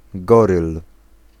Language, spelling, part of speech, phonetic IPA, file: Polish, goryl, noun, [ˈɡɔrɨl], Pl-goryl.ogg